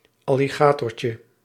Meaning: diminutive of alligator
- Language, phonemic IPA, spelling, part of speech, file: Dutch, /ɑliˈɣatɔrcə/, alligatortje, noun, Nl-alligatortje.ogg